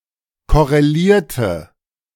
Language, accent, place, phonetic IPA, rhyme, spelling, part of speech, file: German, Germany, Berlin, [ˌkɔʁeˈliːɐ̯tə], -iːɐ̯tə, korrelierte, verb, De-korrelierte.ogg
- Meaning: inflection of korreliert: 1. strong/mixed nominative/accusative feminine singular 2. strong nominative/accusative plural 3. weak nominative all-gender singular